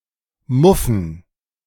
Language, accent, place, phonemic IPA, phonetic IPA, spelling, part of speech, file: German, Germany, Berlin, /ˈmʊfən/, [ˈmʊfɱ̩], muffen, verb, De-muffen.ogg
- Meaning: 1. to have a moldy smell 2. to stink 3. to apply sleeves to or in sleeve technique